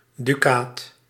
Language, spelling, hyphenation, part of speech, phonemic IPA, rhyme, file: Dutch, dukaat, du‧kaat, noun, /dyˈkaːt/, -aːt, Nl-dukaat.ogg
- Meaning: ducat (gold coin) (used of various gold coins of varying value)